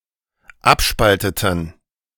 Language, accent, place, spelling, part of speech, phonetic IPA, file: German, Germany, Berlin, abspalteten, verb, [ˈapˌʃpaltətn̩], De-abspalteten.ogg
- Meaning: inflection of abspalten: 1. first/third-person plural dependent preterite 2. first/third-person plural dependent subjunctive II